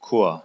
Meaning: 1. choir; chorus (group of people singing together) 2. choir (part of a church building)
- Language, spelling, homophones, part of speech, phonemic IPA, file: German, Chor, Corps / kor / Korps, noun, /koːr/, De-Chor.ogg